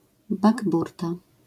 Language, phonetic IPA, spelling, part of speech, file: Polish, [baɡˈburta], bakburta, noun, LL-Q809 (pol)-bakburta.wav